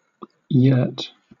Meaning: A large, round, semi-permanent tent with vertical walls and a conical roof, usually associated with Central Asia and Mongolia (where it is known as a ger)
- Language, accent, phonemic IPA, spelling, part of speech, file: English, Southern England, /jɜːt/, yurt, noun, LL-Q1860 (eng)-yurt.wav